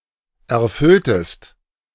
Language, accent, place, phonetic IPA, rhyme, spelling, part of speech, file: German, Germany, Berlin, [ɛɐ̯ˈfʏltəst], -ʏltəst, erfülltest, verb, De-erfülltest.ogg
- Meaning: inflection of erfüllen: 1. second-person singular preterite 2. second-person singular subjunctive II